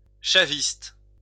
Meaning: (adjective) Chavist; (noun) Chavista
- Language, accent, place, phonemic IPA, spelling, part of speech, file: French, France, Lyon, /ʃa.vist/, chaviste, adjective / noun, LL-Q150 (fra)-chaviste.wav